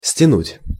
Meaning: 1. to tighten, to tie up, to strap down/up 2. to gather, to draw up 3. to pull off/away 4. to filch, to swipe, to pinch
- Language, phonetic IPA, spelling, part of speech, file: Russian, [sʲtʲɪˈnutʲ], стянуть, verb, Ru-стянуть.ogg